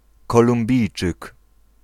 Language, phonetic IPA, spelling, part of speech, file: Polish, [ˌkɔlũmˈbʲijt͡ʃɨk], Kolumbijczyk, noun, Pl-Kolumbijczyk.ogg